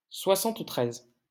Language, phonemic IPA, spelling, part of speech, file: French, /swa.sɑ̃t.tʁɛz/, soixante-treize, numeral, LL-Q150 (fra)-soixante-treize.wav
- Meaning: seventy-three